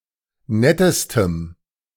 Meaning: strong dative masculine/neuter singular superlative degree of nett
- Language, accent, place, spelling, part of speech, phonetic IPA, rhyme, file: German, Germany, Berlin, nettestem, adjective, [ˈnɛtəstəm], -ɛtəstəm, De-nettestem.ogg